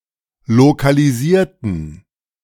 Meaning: inflection of lokalisieren: 1. first/third-person plural preterite 2. first/third-person plural subjunctive II
- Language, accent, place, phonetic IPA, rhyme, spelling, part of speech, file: German, Germany, Berlin, [lokaliˈziːɐ̯tn̩], -iːɐ̯tn̩, lokalisierten, adjective / verb, De-lokalisierten.ogg